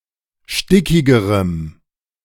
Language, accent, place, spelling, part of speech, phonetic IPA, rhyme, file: German, Germany, Berlin, stickigerem, adjective, [ˈʃtɪkɪɡəʁəm], -ɪkɪɡəʁəm, De-stickigerem.ogg
- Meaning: strong dative masculine/neuter singular comparative degree of stickig